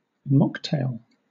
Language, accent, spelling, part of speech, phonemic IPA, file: English, Southern England, mocktail, noun, /ˈmɒk.teɪl/, LL-Q1860 (eng)-mocktail.wav
- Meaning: A nonalcoholic cocktail